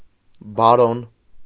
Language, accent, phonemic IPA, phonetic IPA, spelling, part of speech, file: Armenian, Eastern Armenian, /bɑˈɾon/, [bɑɾón], բարոն, noun, Hy-բարոն.ogg
- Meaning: baron